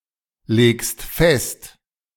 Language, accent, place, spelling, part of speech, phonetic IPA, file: German, Germany, Berlin, legst fest, verb, [ˌleːkst ˈfɛst], De-legst fest.ogg
- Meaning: second-person singular present of festlegen